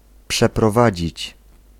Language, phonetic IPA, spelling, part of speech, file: Polish, [ˌpʃɛprɔˈvad͡ʑit͡ɕ], przeprowadzić, verb, Pl-przeprowadzić.ogg